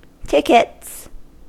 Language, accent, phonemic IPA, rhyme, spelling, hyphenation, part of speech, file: English, US, /ˈtɪk.ɪts/, -ɪkɪts, tickets, tick‧ets, noun / verb, En-us-tickets.ogg
- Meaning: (noun) 1. plural of ticket 2. A single ticket; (verb) third-person singular simple present indicative of ticket